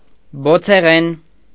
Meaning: 1. fiery, flaming 2. flaring
- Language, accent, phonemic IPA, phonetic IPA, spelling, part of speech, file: Armenian, Eastern Armenian, /bot͡sʰeˈʁen/, [bot͡sʰeʁén], բոցեղեն, adjective, Hy-բոցեղեն.ogg